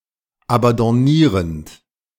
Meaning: present participle of abandonnieren
- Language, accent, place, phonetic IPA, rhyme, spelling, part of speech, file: German, Germany, Berlin, [abɑ̃dɔˈniːʁənt], -iːʁənt, abandonnierend, verb, De-abandonnierend.ogg